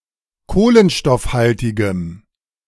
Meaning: strong dative masculine/neuter singular of kohlenstoffhaltig
- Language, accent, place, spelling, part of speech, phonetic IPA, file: German, Germany, Berlin, kohlenstoffhaltigem, adjective, [ˈkoːlənʃtɔfˌhaltɪɡəm], De-kohlenstoffhaltigem.ogg